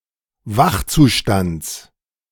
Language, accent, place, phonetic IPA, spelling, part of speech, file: German, Germany, Berlin, [ˈvaxt͡suˌʃtant͡s], Wachzustands, noun, De-Wachzustands.ogg
- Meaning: genitive of Wachzustand